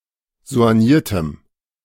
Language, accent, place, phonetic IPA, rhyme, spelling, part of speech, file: German, Germany, Berlin, [zo̯anˈjiːɐ̯təm], -iːɐ̯təm, soigniertem, adjective, De-soigniertem.ogg
- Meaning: strong dative masculine/neuter singular of soigniert